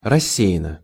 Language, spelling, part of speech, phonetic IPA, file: Russian, рассеянно, adverb, [rɐˈsʲːe(j)ɪn(ː)ə], Ru-рассеянно.ogg
- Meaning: absently, absent-mindedly